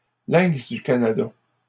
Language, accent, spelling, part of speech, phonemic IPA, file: French, Canada, lynx du Canada, noun, /lɛ̃ks dy ka.na.da/, LL-Q150 (fra)-lynx du Canada.wav
- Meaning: Canada lynx (Lynx canadensis)